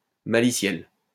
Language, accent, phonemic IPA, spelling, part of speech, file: French, France, /ma.li.sjɛl/, maliciel, noun, LL-Q150 (fra)-maliciel.wav
- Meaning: malware (software developed to harm a computer system)